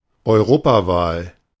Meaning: European election, European Parliament election (election of the European Parliament)
- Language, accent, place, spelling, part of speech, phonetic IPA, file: German, Germany, Berlin, Europawahl, noun, [ɔɪ̯ˈʁoːpaˌvaːl], De-Europawahl.ogg